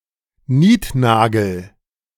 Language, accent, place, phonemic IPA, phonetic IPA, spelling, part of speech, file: German, Germany, Berlin, /ˈniːtˌnaːɡəl/, [ˈniːtˌnaːɡl̩], Niednagel, noun, De-Niednagel.ogg
- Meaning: 1. hangnail 2. ingrown nail